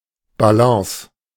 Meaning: balance
- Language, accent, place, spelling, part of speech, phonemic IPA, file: German, Germany, Berlin, Balance, noun, /baˈlɑ̃ːs/, De-Balance.ogg